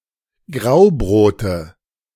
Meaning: nominative/accusative/genitive plural of Graubrot
- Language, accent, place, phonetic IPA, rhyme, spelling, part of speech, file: German, Germany, Berlin, [ˈɡʁaʊ̯ˌbʁoːtə], -aʊ̯bʁoːtə, Graubrote, noun, De-Graubrote.ogg